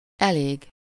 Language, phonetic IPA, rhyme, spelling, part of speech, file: Hungarian, [ˈɛleːɡ], -eːɡ, elég, adjective / adverb / noun / verb, Hu-elég.ogg
- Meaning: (adjective) enough, sufficient; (adverb) quite, rather, fairly; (noun) Used in expressions with inflectional suffixes; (verb) to burn up (fully)